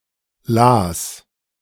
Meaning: a municipality of South Tyrol, Italy
- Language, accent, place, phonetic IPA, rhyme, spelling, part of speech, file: German, Germany, Berlin, [laːs], -aːs, Laas, noun, De-Laas.ogg